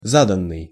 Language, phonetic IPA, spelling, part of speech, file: Russian, [ˈzadən(ː)ɨj], заданный, verb / adjective, Ru-заданный.ogg
- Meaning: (verb) past passive perfective participle of зада́ть (zadátʹ); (adjective) predetermined, given, established